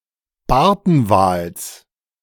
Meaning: genitive singular of Bartenwal
- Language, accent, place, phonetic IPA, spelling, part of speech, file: German, Germany, Berlin, [ˈbaʁtn̩ˌvaːls], Bartenwals, noun, De-Bartenwals.ogg